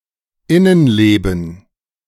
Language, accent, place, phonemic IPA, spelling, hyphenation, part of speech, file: German, Germany, Berlin, /ˈɪnənˌleːbn̩/, Innenleben, In‧nen‧le‧ben, noun, De-Innenleben.ogg
- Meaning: inner workings